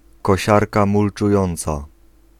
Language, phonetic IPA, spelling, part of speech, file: Polish, [kɔˈɕarka ˌmult͡ʃuˈjɔ̃nt͡sa], kosiarka mulczująca, noun, Pl-kosiarka mulczująca.ogg